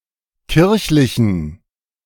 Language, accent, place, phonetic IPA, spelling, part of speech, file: German, Germany, Berlin, [ˈkɪʁçlɪçn̩], kirchlichen, adjective, De-kirchlichen.ogg
- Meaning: inflection of kirchlich: 1. strong genitive masculine/neuter singular 2. weak/mixed genitive/dative all-gender singular 3. strong/weak/mixed accusative masculine singular 4. strong dative plural